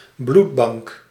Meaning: blood bank
- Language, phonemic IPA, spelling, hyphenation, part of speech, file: Dutch, /ˈblut.bɑŋk/, bloedbank, bloed‧bank, noun, Nl-bloedbank.ogg